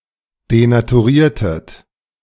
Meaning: inflection of denaturieren: 1. second-person plural preterite 2. second-person plural subjunctive II
- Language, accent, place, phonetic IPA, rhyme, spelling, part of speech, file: German, Germany, Berlin, [denatuˈʁiːɐ̯tət], -iːɐ̯tət, denaturiertet, verb, De-denaturiertet.ogg